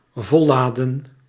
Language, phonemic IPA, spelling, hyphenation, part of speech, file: Dutch, /ˈvɔlˌlaː.də(n)/, volladen, vol‧la‧den, verb, Nl-volladen.ogg
- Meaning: 1. to load full 2. to recharge fully